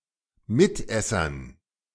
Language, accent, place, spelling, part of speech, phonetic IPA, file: German, Germany, Berlin, Mitessern, noun, [ˈmɪtˌʔɛsɐn], De-Mitessern.ogg
- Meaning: dative plural of Mitesser